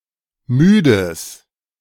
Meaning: strong/mixed nominative/accusative neuter singular of müde
- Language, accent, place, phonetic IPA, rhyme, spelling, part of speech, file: German, Germany, Berlin, [ˈmyːdəs], -yːdəs, müdes, adjective, De-müdes.ogg